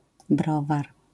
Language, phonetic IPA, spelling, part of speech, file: Polish, [ˈbrɔvar], browar, noun, LL-Q809 (pol)-browar.wav